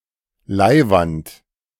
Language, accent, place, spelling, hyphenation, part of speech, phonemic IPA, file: German, Germany, Berlin, leiwand, lei‧wand, adjective, /ˈlaɪ̯vant/, De-leiwand.ogg
- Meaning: cool, great, super